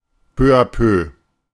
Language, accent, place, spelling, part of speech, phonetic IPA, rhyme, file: German, Germany, Berlin, peu à peu, phrase, [ˈpøaːˈpø], -øː, De-peu à peu.ogg
- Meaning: bit by bit, little by little